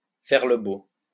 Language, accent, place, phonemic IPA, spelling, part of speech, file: French, France, Lyon, /fɛʁ lə bo/, faire le beau, verb, LL-Q150 (fra)-faire le beau.wav
- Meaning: to sit up and beg, to sit pretty